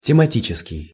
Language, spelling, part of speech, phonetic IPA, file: Russian, тематический, adjective, [tʲɪmɐˈtʲit͡ɕɪskʲɪj], Ru-тематический.ogg
- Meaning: 1. to subject 2. theme 3. thematic 4. thematic, topical